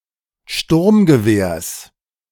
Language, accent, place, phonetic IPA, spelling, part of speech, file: German, Germany, Berlin, [ˈʃtʊʁmɡəˌveːɐ̯s], Sturmgewehrs, noun, De-Sturmgewehrs.ogg
- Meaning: genitive singular of Sturmgewehr